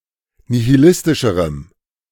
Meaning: strong dative masculine/neuter singular comparative degree of nihilistisch
- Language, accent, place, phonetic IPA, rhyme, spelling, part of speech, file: German, Germany, Berlin, [nihiˈlɪstɪʃəʁəm], -ɪstɪʃəʁəm, nihilistischerem, adjective, De-nihilistischerem.ogg